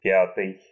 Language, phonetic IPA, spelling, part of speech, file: Russian, [ˈpʲatɨj], пятый, adjective, Ru-пятый.ogg
- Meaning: fifth